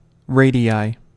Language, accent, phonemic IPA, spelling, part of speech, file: English, US, /ˈɹeɪ.di.aɪ/, radii, noun, En-us-radii.ogg
- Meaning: plural of radius